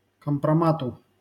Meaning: dative singular of компрома́т (kompromát)
- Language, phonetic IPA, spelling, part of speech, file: Russian, [kəmprɐˈmatʊ], компромату, noun, LL-Q7737 (rus)-компромату.wav